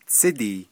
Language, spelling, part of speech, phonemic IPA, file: Navajo, tsídii, noun, /t͡sʰɪ́tìː/, Nv-tsídii.ogg
- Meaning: bird